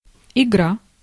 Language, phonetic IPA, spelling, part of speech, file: Russian, [ɪˈɡra], игра, noun, Ru-игра.ogg
- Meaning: 1. game 2. a sport which is played (also спорти́вная игра́ (sportívnaja igrá)) 3. play in the following senses: Activity for amusement only, especially among the young